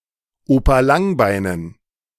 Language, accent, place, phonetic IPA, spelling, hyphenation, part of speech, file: German, Germany, Berlin, [ˈoːpa ˈlaŋˌbaɪ̯nən], Opa Langbeinen, Opa Lang‧bei‧nen, noun, De-Opa Langbeinen.ogg
- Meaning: dative plural of Opa Langbein